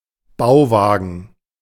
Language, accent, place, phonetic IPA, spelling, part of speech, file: German, Germany, Berlin, [ˈbaʊ̯ˌvaːɡn̩], Bauwagen, noun, De-Bauwagen.ogg
- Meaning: construction trailer